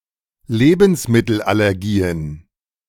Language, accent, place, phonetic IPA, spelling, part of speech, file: German, Germany, Berlin, [ˈleːbn̩smɪtl̩ʔalɛʁˌɡiːən], Lebensmittelallergien, noun, De-Lebensmittelallergien.ogg
- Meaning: plural of Lebensmittelallergie